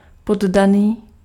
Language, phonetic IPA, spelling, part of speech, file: Czech, [ˈpodaniː], poddaný, noun, Cs-poddaný.ogg
- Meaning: subject (citizen in a monarchy)